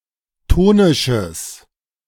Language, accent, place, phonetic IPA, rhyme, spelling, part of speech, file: German, Germany, Berlin, [ˈtoːnɪʃəs], -oːnɪʃəs, tonisches, adjective, De-tonisches.ogg
- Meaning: strong/mixed nominative/accusative neuter singular of tonisch